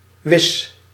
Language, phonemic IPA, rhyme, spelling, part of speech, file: Dutch, /ʋɪs/, -ɪs, wis, adjective / noun / verb, Nl-wis.ogg
- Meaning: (adjective) sure, certain; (noun) 1. twig 2. bundle, bunch 3. short for wisdoek (dishcloth); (verb) inflection of wissen: first-person singular present indicative